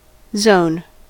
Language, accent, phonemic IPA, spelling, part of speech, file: English, US, /zoʊn/, zone, noun / verb, En-us-zone.ogg